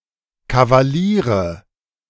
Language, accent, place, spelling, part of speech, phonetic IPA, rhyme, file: German, Germany, Berlin, Kavaliere, noun, [kavaˈliːʁə], -iːʁə, De-Kavaliere.ogg
- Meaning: nominative/accusative/genitive plural of Kavalier